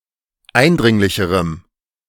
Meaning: strong dative masculine/neuter singular comparative degree of eindringlich
- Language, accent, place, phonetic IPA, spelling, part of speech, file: German, Germany, Berlin, [ˈaɪ̯nˌdʁɪŋlɪçəʁəm], eindringlicherem, adjective, De-eindringlicherem.ogg